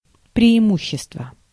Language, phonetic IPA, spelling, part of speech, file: Russian, [prʲɪɪˈmuɕːɪstvə], преимущество, noun, Ru-преимущество.ogg
- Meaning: 1. advantage (any condition, circumstance, opportunity, or means, particularly favorable to success) 2. preference